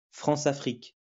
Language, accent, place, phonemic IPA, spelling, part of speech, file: French, France, Lyon, /fʁɑ̃.sa.fʁik/, Françafrique, proper noun, LL-Q150 (fra)-Françafrique.wav
- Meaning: relations between France and its former colonies in Africa; often characterized by users of the term as exploitative, corrupt and/or neocolonialistic